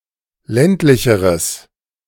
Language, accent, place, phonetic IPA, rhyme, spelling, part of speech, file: German, Germany, Berlin, [ˈlɛntlɪçəʁəs], -ɛntlɪçəʁəs, ländlicheres, adjective, De-ländlicheres.ogg
- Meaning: strong/mixed nominative/accusative neuter singular comparative degree of ländlich